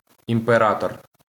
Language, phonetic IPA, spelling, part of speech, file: Ukrainian, [impeˈratɔr], імператор, noun, LL-Q8798 (ukr)-імператор.wav
- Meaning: emperor